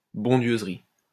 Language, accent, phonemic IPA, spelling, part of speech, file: French, France, /bɔ̃.djøz.ʁi/, bondieuserie, noun, LL-Q150 (fra)-bondieuserie.wav
- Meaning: bondieuserie, religious knick-knack